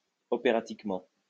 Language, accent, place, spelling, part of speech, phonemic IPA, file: French, France, Lyon, opératiquement, adverb, /ɔ.pe.ʁa.tik.mɑ̃/, LL-Q150 (fra)-opératiquement.wav
- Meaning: operatically